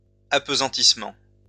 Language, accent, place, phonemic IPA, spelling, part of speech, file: French, France, Lyon, /ap.zɑ̃.tis.mɑ̃/, appesantissement, noun, LL-Q150 (fra)-appesantissement.wav
- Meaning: dullness, heaviness